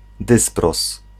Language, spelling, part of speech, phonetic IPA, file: Polish, dysproz, noun, [ˈdɨsprɔs], Pl-dysproz.ogg